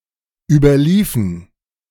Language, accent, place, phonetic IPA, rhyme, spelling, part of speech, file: German, Germany, Berlin, [yːbɐˈliːfn̩], -iːfn̩, überliefen, verb, De-überliefen.ogg
- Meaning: inflection of überlaufen: 1. first/third-person plural dependent preterite 2. first/third-person plural dependent subjunctive II